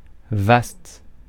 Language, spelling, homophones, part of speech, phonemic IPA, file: French, vaste, vastes, adjective, /vast/, Fr-vaste.ogg
- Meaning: vast